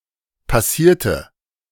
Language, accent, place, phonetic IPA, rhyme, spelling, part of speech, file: German, Germany, Berlin, [paˈsiːɐ̯tə], -iːɐ̯tə, passierte, adjective / verb, De-passierte.ogg
- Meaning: inflection of passieren: 1. first/third-person singular preterite 2. first/third-person singular subjunctive II